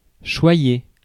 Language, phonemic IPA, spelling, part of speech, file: French, /ʃwa.je/, choyer, verb, Fr-choyer.ogg
- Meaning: 1. to cherish, pamper, coddle (care for with affection and tenderness) 2. to hold in great esteem, revere, going to great lengths to demonstrate this 3. to cherish, treasure, conserve with great care